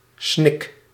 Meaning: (noun) a sob, a weep with a convulsive gasp; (verb) inflection of snikken: 1. first-person singular present indicative 2. second-person singular present indicative 3. imperative
- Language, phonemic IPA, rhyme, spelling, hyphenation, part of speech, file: Dutch, /snɪk/, -ɪk, snik, snik, noun / verb, Nl-snik.ogg